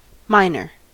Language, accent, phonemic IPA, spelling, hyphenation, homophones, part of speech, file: English, General American, /ˈmaɪ.nəɹ/, minor, mi‧nor, miner, adjective / noun / verb, En-us-minor.ogg
- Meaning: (adjective) Lesser, smaller in importance, size, degree, seriousness, or significance compared to another option, particularly